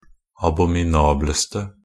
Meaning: attributive superlative degree of abominabel
- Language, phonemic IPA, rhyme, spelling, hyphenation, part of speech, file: Norwegian Bokmål, /abɔmɪˈnɑːbləstə/, -əstə, abominableste, a‧bo‧mi‧na‧bles‧te, adjective, Nb-abominableste.ogg